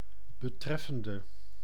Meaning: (preposition) concerning; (verb) inflection of betreffend: 1. masculine/feminine singular attributive 2. definite neuter singular attributive 3. plural attributive
- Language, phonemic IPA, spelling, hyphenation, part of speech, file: Dutch, /bəˈtrɛfə(n)/, betreffende, be‧tref‧fen‧de, preposition / verb, Nl-betreffende.ogg